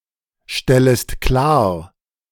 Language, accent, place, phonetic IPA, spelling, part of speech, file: German, Germany, Berlin, [ˌʃtɛləst ˈklaːɐ̯], stellest klar, verb, De-stellest klar.ogg
- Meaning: second-person singular subjunctive I of klarstellen